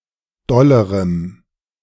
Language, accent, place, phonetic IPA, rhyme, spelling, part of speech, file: German, Germany, Berlin, [ˈdɔləʁəm], -ɔləʁəm, dollerem, adjective, De-dollerem.ogg
- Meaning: strong dative masculine/neuter singular comparative degree of doll